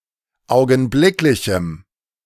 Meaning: strong dative masculine/neuter singular of augenblicklich
- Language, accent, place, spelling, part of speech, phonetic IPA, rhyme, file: German, Germany, Berlin, augenblicklichem, adjective, [ˌaʊ̯ɡn̩ˈblɪklɪçm̩], -ɪklɪçm̩, De-augenblicklichem.ogg